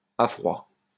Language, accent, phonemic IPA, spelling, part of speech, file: French, France, /a fʁwa/, à froid, adjective / adverb, LL-Q150 (fra)-à froid.wav
- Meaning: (adjective) cold, without heat; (adverb) 1. cold, without preparation, unawares 2. in the cold light of day, with a clear head, calmly, cold, flat